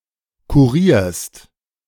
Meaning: second-person singular present of kurieren
- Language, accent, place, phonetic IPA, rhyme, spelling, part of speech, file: German, Germany, Berlin, [kuˈʁiːɐ̯st], -iːɐ̯st, kurierst, verb, De-kurierst.ogg